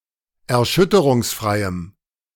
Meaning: strong dative masculine/neuter singular of erschütterungsfrei
- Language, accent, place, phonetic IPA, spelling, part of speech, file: German, Germany, Berlin, [ɛɐ̯ˈʃʏtəʁʊŋsˌfʁaɪ̯əm], erschütterungsfreiem, adjective, De-erschütterungsfreiem.ogg